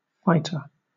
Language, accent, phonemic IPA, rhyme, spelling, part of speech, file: English, Southern England, /ˈfaɪ.tə(ɹ)/, -aɪtə(ɹ), fighter, noun, LL-Q1860 (eng)-fighter.wav
- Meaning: 1. A person who fights; a combatant 2. A warrior; a fighting soldier 3. A pugnacious, competitive person